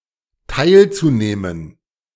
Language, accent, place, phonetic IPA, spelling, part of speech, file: German, Germany, Berlin, [ˈtaɪ̯lt͡suˌneːmən], teilzunehmen, verb, De-teilzunehmen.ogg
- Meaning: zu-infinitive of teilnehmen